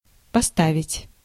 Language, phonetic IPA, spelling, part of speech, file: Russian, [pɐˈstavʲɪtʲ], поставить, verb, Ru-поставить.ogg
- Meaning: 1. to put, to place, to set, to stand, to station (In a vertical position) 2. to apply, to put on (a compress) 3. to put on stage, to stage, to produce, to present (a play)